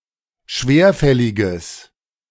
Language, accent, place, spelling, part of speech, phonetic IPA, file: German, Germany, Berlin, schwerfälliges, adjective, [ˈʃveːɐ̯ˌfɛlɪɡəs], De-schwerfälliges.ogg
- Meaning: strong/mixed nominative/accusative neuter singular of schwerfällig